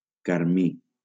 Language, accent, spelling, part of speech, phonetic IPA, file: Catalan, Valencia, carmí, adjective / noun, [kaɾˈmi], LL-Q7026 (cat)-carmí.wav
- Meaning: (adjective) carmine